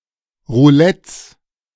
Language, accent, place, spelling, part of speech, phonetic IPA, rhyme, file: German, Germany, Berlin, Roulettes, noun, [ʁuˈlɛt͡s], -ɛt͡s, De-Roulettes.ogg
- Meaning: plural of Roulette